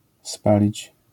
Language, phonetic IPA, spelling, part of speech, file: Polish, [ˈspalʲit͡ɕ], spalić, verb, LL-Q809 (pol)-spalić.wav